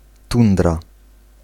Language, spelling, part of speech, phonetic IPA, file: Polish, tundra, noun, [ˈtũndra], Pl-tundra.ogg